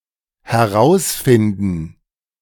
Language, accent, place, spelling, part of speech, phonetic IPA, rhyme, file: German, Germany, Berlin, herausfinden, verb, [hɛˈʁaʊ̯sˌfɪndn̩], -aʊ̯sfɪndn̩, De-herausfinden.ogg
- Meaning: 1. to find out 2. to figure out